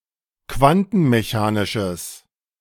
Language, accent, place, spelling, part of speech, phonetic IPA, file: German, Germany, Berlin, quantenmechanisches, adjective, [ˈkvantn̩meˌçaːnɪʃəs], De-quantenmechanisches.ogg
- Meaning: strong/mixed nominative/accusative neuter singular of quantenmechanisch